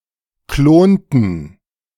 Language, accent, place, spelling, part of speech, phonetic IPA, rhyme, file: German, Germany, Berlin, klonten, verb, [ˈkloːntn̩], -oːntn̩, De-klonten.ogg
- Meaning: inflection of klonen: 1. first/third-person plural preterite 2. first/third-person plural subjunctive II